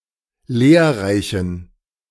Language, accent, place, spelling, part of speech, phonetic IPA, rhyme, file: German, Germany, Berlin, lehrreichen, adjective, [ˈleːɐ̯ˌʁaɪ̯çn̩], -eːɐ̯ʁaɪ̯çn̩, De-lehrreichen.ogg
- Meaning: inflection of lehrreich: 1. strong genitive masculine/neuter singular 2. weak/mixed genitive/dative all-gender singular 3. strong/weak/mixed accusative masculine singular 4. strong dative plural